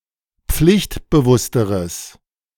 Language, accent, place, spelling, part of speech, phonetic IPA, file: German, Germany, Berlin, pflichtbewussteres, adjective, [ˈp͡flɪçtbəˌvʊstəʁəs], De-pflichtbewussteres.ogg
- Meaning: strong/mixed nominative/accusative neuter singular comparative degree of pflichtbewusst